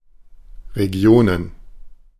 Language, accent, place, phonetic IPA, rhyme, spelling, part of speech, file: German, Germany, Berlin, [ʁeˈɡi̯oːnən], -oːnən, Regionen, noun, De-Regionen.ogg
- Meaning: plural of Region